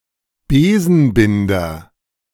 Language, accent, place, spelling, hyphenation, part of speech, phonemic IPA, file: German, Germany, Berlin, Besenbinder, Be‧sen‧binder, noun, /ˈbeːzn̩ˌbɪndɐ/, De-Besenbinder.ogg
- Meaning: broom maker